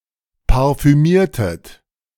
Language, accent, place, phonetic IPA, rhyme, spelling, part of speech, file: German, Germany, Berlin, [paʁfyˈmiːɐ̯tət], -iːɐ̯tət, parfümiertet, verb, De-parfümiertet.ogg
- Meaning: inflection of parfümieren: 1. second-person plural preterite 2. second-person plural subjunctive II